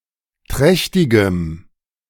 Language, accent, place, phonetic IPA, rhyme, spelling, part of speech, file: German, Germany, Berlin, [ˈtʁɛçtɪɡəm], -ɛçtɪɡəm, trächtigem, adjective, De-trächtigem.ogg
- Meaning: strong dative masculine/neuter singular of trächtig